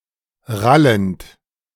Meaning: present participle of rallen
- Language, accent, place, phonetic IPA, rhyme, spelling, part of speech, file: German, Germany, Berlin, [ˈʁalənt], -alənt, rallend, verb, De-rallend.ogg